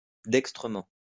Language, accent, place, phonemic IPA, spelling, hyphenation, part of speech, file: French, France, Lyon, /dɛk.stʁə.mɑ̃/, dextrement, dex‧tre‧ment, adverb, LL-Q150 (fra)-dextrement.wav
- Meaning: adroitly; dextrously